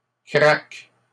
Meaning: second-person singular present indicative/subjunctive of craquer
- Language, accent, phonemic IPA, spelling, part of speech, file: French, Canada, /kʁak/, craques, verb, LL-Q150 (fra)-craques.wav